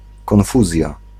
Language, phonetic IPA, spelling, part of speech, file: Polish, [kɔ̃nˈfuzʲja], konfuzja, noun, Pl-konfuzja.ogg